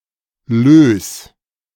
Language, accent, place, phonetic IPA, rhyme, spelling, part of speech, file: German, Germany, Berlin, [løːs], -øːs, Löß, noun, De-Löß.ogg
- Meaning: alternative spelling of Löss